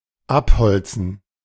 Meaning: to cut down the trees, to clear of timber
- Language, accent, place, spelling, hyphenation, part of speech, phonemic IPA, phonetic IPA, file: German, Germany, Berlin, abholzen, ab‧hol‧zen, verb, /ˈapˌhɔltsən/, [ˈʔapˌhɔltsn̩], De-abholzen.ogg